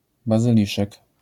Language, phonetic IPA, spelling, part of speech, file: Polish, [ˌbazɨˈlʲiʃɛk], bazyliszek, noun, LL-Q809 (pol)-bazyliszek.wav